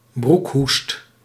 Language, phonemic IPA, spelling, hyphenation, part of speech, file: Dutch, /ˈbruk.ɦust/, broekhoest, broek‧hoest, noun, Nl-broekhoest.ogg
- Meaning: flatulence